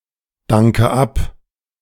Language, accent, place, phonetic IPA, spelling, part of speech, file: German, Germany, Berlin, [ˌdaŋkə ˈap], danke ab, verb, De-danke ab.ogg
- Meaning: inflection of abdanken: 1. first-person singular present 2. first/third-person singular subjunctive I 3. singular imperative